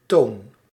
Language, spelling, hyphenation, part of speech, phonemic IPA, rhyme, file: Dutch, toon, toon, noun / verb, /toːn/, -oːn, Nl-toon.ogg
- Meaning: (noun) 1. tone 2. dated form of teen (“toe”) 3. the front portion of a hoof; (verb) inflection of tonen: 1. first-person singular present indicative 2. second-person singular present indicative